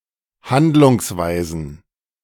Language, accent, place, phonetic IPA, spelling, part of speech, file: German, Germany, Berlin, [ˈhandlʊŋsˌvaɪ̯zn̩], Handlungsweisen, noun, De-Handlungsweisen.ogg
- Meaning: plural of Handlungsweise